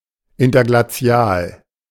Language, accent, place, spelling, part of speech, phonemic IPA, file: German, Germany, Berlin, interglazial, adjective, /ˌɪntɐɡlaˈt͡si̯aːl/, De-interglazial.ogg
- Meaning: interglacial